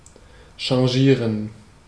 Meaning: 1. to change 2. to shimmer, iridesce
- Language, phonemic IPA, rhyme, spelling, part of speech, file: German, /ʃɑ̃ˈʒiːʁən/, -iːʁən, changieren, verb, De-changieren.ogg